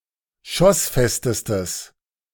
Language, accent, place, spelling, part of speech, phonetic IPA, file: German, Germany, Berlin, schossfestestes, adjective, [ˈʃɔsˌfɛstəstəs], De-schossfestestes.ogg
- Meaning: strong/mixed nominative/accusative neuter singular superlative degree of schossfest